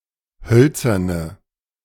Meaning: inflection of hölzern: 1. strong/mixed nominative/accusative feminine singular 2. strong nominative/accusative plural 3. weak nominative all-gender singular 4. weak accusative feminine/neuter singular
- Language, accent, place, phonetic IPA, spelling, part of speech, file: German, Germany, Berlin, [ˈhœlt͡sɐnə], hölzerne, adjective, De-hölzerne.ogg